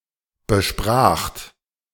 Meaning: second-person plural preterite of besprechen
- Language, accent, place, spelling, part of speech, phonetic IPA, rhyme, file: German, Germany, Berlin, bespracht, verb, [bəˈʃpʁaːxt], -aːxt, De-bespracht.ogg